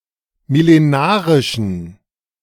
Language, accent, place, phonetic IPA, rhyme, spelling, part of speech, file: German, Germany, Berlin, [mɪleˈnaːʁɪʃn̩], -aːʁɪʃn̩, millenarischen, adjective, De-millenarischen.ogg
- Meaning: inflection of millenarisch: 1. strong genitive masculine/neuter singular 2. weak/mixed genitive/dative all-gender singular 3. strong/weak/mixed accusative masculine singular 4. strong dative plural